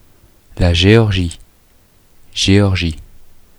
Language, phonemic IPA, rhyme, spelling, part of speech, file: French, /ʒe.ɔʁ.ʒi/, -i, Géorgie, proper noun, Fr-Géorgie.oga
- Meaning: 1. Georgia (a transcontinental country in the Caucasus region of Europe and Asia, on the coast of the Black Sea) 2. Georgia (a state in the Southern United States)